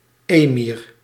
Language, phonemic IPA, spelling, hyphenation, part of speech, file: Dutch, /ˈeː.mir/, emir, emir, noun, Nl-emir.ogg
- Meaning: emir (an Islamic prince or leader)